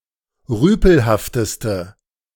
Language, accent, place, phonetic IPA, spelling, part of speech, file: German, Germany, Berlin, [ˈʁyːpl̩haftəstə], rüpelhafteste, adjective, De-rüpelhafteste.ogg
- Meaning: inflection of rüpelhaft: 1. strong/mixed nominative/accusative feminine singular superlative degree 2. strong nominative/accusative plural superlative degree